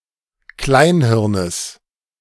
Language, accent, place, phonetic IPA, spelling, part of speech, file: German, Germany, Berlin, [ˈklaɪ̯nˌhɪʁnəs], Kleinhirnes, noun, De-Kleinhirnes.ogg
- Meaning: genitive of Kleinhirn